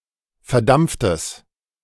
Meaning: strong/mixed nominative/accusative neuter singular of verdampft
- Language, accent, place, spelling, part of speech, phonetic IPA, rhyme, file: German, Germany, Berlin, verdampftes, adjective, [fɛɐ̯ˈdamp͡ftəs], -amp͡ftəs, De-verdampftes.ogg